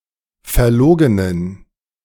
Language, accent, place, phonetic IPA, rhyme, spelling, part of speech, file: German, Germany, Berlin, [fɛɐ̯ˈloːɡənən], -oːɡənən, verlogenen, adjective, De-verlogenen.ogg
- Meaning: inflection of verlogen: 1. strong genitive masculine/neuter singular 2. weak/mixed genitive/dative all-gender singular 3. strong/weak/mixed accusative masculine singular 4. strong dative plural